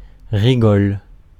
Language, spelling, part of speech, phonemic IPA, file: French, rigole, noun / verb, /ʁi.ɡɔl/, Fr-rigole.ogg
- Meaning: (noun) furrow, channel (small trench cut in the soil or rock for irrigation or for planting seeds)